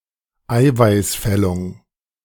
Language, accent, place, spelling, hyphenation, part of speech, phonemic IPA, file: German, Germany, Berlin, Eiweißfällung, Ei‧weiß‧fäl‧lung, noun, /ˈaɪ̯vaɪ̯sˌfɛlʊŋ/, De-Eiweißfällung.ogg
- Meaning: protein precipitation